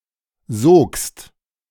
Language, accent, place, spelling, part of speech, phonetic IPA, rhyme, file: German, Germany, Berlin, sogst, verb, [zoːkst], -oːkst, De-sogst.ogg
- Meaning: second-person singular preterite of saugen